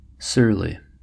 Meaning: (adjective) 1. Irritated, bad-tempered, unfriendly 2. Threatening, menacing, gloomy 3. Lordly, arrogant, supercilious; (adverb) In an arrogant or supercilious manner
- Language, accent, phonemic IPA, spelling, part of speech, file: English, US, /ˈsɝli/, surly, adjective / adverb, En-us-surly.ogg